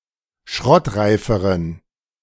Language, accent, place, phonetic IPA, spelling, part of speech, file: German, Germany, Berlin, [ˈʃʁɔtˌʁaɪ̯fəʁən], schrottreiferen, adjective, De-schrottreiferen.ogg
- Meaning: inflection of schrottreif: 1. strong genitive masculine/neuter singular comparative degree 2. weak/mixed genitive/dative all-gender singular comparative degree